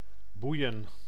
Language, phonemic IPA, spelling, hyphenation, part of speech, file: Dutch, /ˈbui̯ə(n)/, boeien, boei‧en, verb / interjection / noun, Nl-boeien.ogg
- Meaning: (verb) 1. to tie down, tie up, bind, shackle 2. to captivate, fascinate, interest; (interjection) alternative form of boeiend; don't care, whatev; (verb) to raise the ship's side with side-boards